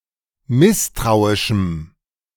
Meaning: strong dative masculine/neuter singular of misstrauisch
- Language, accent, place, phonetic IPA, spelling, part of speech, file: German, Germany, Berlin, [ˈmɪstʁaʊ̯ɪʃm̩], misstrauischem, adjective, De-misstrauischem.ogg